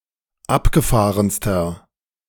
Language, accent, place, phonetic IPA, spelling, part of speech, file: German, Germany, Berlin, [ˈapɡəˌfaːʁənstɐ], abgefahrenster, adjective, De-abgefahrenster.ogg
- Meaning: inflection of abgefahren: 1. strong/mixed nominative masculine singular superlative degree 2. strong genitive/dative feminine singular superlative degree 3. strong genitive plural superlative degree